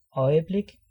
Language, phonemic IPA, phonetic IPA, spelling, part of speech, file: Danish, /øjəblek/, [ˈʌjəˈb̥leɡ̊], øjeblik, noun, Da-øjeblik.ogg
- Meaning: blink of an eye, moment